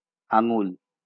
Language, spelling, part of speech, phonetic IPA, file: Bengali, আঙুল, noun, [ˈa.ŋul], LL-Q9610 (ben)-আঙুল.wav
- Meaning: finger, toe